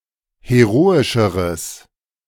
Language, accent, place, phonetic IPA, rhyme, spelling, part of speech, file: German, Germany, Berlin, [heˈʁoːɪʃəʁəs], -oːɪʃəʁəs, heroischeres, adjective, De-heroischeres.ogg
- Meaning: strong/mixed nominative/accusative neuter singular comparative degree of heroisch